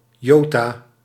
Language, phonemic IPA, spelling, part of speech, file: Dutch, /ˈjoː.taː/, jota, noun, Nl-jota.ogg
- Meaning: 1. iota (Greek letter) 2. iota (small amount)